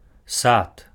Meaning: 1. garden, orchard 2. park, garden
- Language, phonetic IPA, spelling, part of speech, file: Belarusian, [sat], сад, noun, Be-сад.ogg